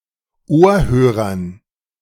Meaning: dative plural of Ohrhörer
- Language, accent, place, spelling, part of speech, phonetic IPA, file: German, Germany, Berlin, Ohrhörern, noun, [ˈoːɐ̯ˌhøːʁɐn], De-Ohrhörern.ogg